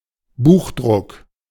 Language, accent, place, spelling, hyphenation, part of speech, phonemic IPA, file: German, Germany, Berlin, Buchdruck, Buch‧druck, noun, /ˈbuːxˌdʁʊk/, De-Buchdruck.ogg
- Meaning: letterpress